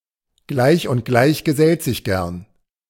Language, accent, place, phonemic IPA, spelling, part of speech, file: German, Germany, Berlin, /ˈɡlaɪ̯ç ʊnt ˈɡlaɪ̯ç ɡəˈzɛlt zɪç ˈɡɛʁn/, Gleich und Gleich gesellt sich gern, proverb, De-Gleich und Gleich gesellt sich gern.ogg
- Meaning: birds of a feather flock together